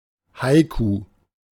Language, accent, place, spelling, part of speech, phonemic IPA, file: German, Germany, Berlin, Haiku, noun, /ˈhaɪ̯ku/, De-Haiku.ogg
- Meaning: 1. haiku (Japanese poem of a specific form: 3 lines of 5, 7, and 5 syllables) 2. haiku (poem in any language of the same form)